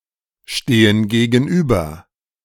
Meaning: inflection of gegenüberstehen: 1. first/third-person plural present 2. first/third-person plural subjunctive I
- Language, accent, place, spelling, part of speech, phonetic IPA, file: German, Germany, Berlin, stehen gegenüber, verb, [ˌʃteːən ɡeːɡn̩ˈʔyːbɐ], De-stehen gegenüber.ogg